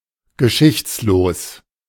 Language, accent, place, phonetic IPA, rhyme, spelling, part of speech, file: German, Germany, Berlin, [ɡəˈʃɪçt͡sloːs], -ɪçt͡sloːs, geschichtslos, adjective, De-geschichtslos.ogg
- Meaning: unhistorical, ahistorical